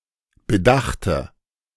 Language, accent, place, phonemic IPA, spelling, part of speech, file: German, Germany, Berlin, /bəˈdaxtə/, bedachte, verb, De-bedachte.ogg
- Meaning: 1. first/third-person singular preterite of bedenken 2. form of bedacht 3. first/third-person singular preterite of bedachen